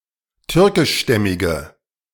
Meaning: inflection of türkischstämmig: 1. strong/mixed nominative/accusative feminine singular 2. strong nominative/accusative plural 3. weak nominative all-gender singular
- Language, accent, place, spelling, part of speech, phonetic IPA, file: German, Germany, Berlin, türkischstämmige, adjective, [ˈtʏʁkɪʃˌʃtɛmɪɡə], De-türkischstämmige.ogg